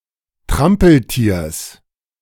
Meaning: genitive of Trampeltier
- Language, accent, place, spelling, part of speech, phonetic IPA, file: German, Germany, Berlin, Trampeltiers, noun, [ˈtʁampl̩ˌtiːɐ̯s], De-Trampeltiers.ogg